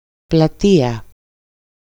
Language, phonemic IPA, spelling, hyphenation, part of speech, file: Greek, /plaˈti.a/, πλατεία, πλα‧τεί‧α, noun, EL-πλατεία.ogg
- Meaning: 1. town square 2. the place with seats in front and about the same level as the stage 3. people in these seats